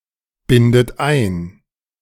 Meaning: inflection of einbinden: 1. third-person singular present 2. second-person plural present 3. second-person plural subjunctive I 4. plural imperative
- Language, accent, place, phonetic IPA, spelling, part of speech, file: German, Germany, Berlin, [ˌbɪndət ˈaɪ̯n], bindet ein, verb, De-bindet ein.ogg